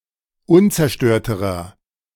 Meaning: inflection of unzerstört: 1. strong/mixed nominative masculine singular comparative degree 2. strong genitive/dative feminine singular comparative degree 3. strong genitive plural comparative degree
- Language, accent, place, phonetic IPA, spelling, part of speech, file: German, Germany, Berlin, [ˈʊnt͡sɛɐ̯ˌʃtøːɐ̯təʁɐ], unzerstörterer, adjective, De-unzerstörterer.ogg